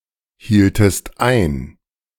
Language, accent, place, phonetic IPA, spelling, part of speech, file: German, Germany, Berlin, [ˌhiːltəst ˈaɪ̯n], hieltest ein, verb, De-hieltest ein.ogg
- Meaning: inflection of einhalten: 1. second-person singular preterite 2. second-person singular subjunctive II